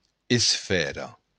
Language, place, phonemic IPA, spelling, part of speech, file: Occitan, Béarn, /es.ˈfɛ.rɐ/, esfèra, noun, LL-Q14185 (oci)-esfèra.wav
- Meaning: sphere